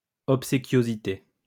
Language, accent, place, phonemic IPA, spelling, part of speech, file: French, France, Lyon, /ɔp.se.kjo.zi.te/, obséquiosité, noun, LL-Q150 (fra)-obséquiosité.wav
- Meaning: obsequiousness